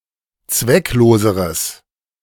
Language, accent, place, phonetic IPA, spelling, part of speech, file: German, Germany, Berlin, [ˈt͡svɛkˌloːzəʁəs], zweckloseres, adjective, De-zweckloseres.ogg
- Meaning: strong/mixed nominative/accusative neuter singular comparative degree of zwecklos